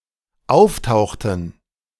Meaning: inflection of auftauchen: 1. first/third-person plural dependent preterite 2. first/third-person plural dependent subjunctive II
- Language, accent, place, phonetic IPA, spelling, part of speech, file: German, Germany, Berlin, [ˈaʊ̯fˌtaʊ̯xtn̩], auftauchten, verb, De-auftauchten.ogg